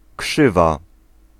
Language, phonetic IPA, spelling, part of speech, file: Polish, [ˈkʃɨva], krzywa, noun / adjective, Pl-krzywa.ogg